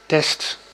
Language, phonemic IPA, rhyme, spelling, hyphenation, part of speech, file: Dutch, /tɛst/, -ɛst, test, test, noun / verb, Nl-test.ogg
- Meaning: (noun) test; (verb) inflection of testen: 1. first/second/third-person singular present indicative 2. imperative; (noun) 1. a test, an earthen bowl or pot 2. a test, a cupel (used in smelting)